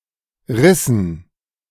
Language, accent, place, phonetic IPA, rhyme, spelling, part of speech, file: German, Germany, Berlin, [ˈʁɪsn̩], -ɪsn̩, rissen, verb, De-rissen.ogg
- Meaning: inflection of reißen: 1. first/third-person plural preterite 2. first/third-person plural subjunctive II